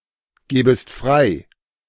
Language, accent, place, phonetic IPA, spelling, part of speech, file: German, Germany, Berlin, [ˌɡɛːbəst ˈfʁaɪ̯], gäbest frei, verb, De-gäbest frei.ogg
- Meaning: second-person singular subjunctive II of freigeben